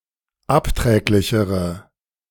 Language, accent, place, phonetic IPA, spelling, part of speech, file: German, Germany, Berlin, [ˈapˌtʁɛːklɪçəʁə], abträglichere, adjective, De-abträglichere.ogg
- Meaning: inflection of abträglich: 1. strong/mixed nominative/accusative feminine singular comparative degree 2. strong nominative/accusative plural comparative degree